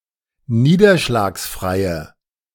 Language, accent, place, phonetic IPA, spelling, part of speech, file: German, Germany, Berlin, [ˈniːdɐʃlaːksˌfʁaɪ̯ə], niederschlagsfreie, adjective, De-niederschlagsfreie.ogg
- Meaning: inflection of niederschlagsfrei: 1. strong/mixed nominative/accusative feminine singular 2. strong nominative/accusative plural 3. weak nominative all-gender singular